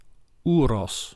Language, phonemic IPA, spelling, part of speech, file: Dutch, /ˈu.rɔs/, oeros, noun, Nl-oeros.ogg
- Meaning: aurochs